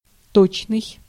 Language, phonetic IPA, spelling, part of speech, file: Russian, [ˈtot͡ɕnɨj], точный, adjective, Ru-точный.ogg
- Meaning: 1. exact, precise, accurate 2. correct